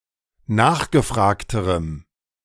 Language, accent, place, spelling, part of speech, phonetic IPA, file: German, Germany, Berlin, nachgefragterem, adjective, [ˈnaːxɡəˌfʁaːktəʁəm], De-nachgefragterem.ogg
- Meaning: strong dative masculine/neuter singular comparative degree of nachgefragt